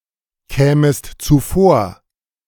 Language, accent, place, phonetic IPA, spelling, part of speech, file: German, Germany, Berlin, [ˌkɛːməst t͡suˈfoːɐ̯], kämest zuvor, verb, De-kämest zuvor.ogg
- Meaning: second-person singular subjunctive II of zuvorkommen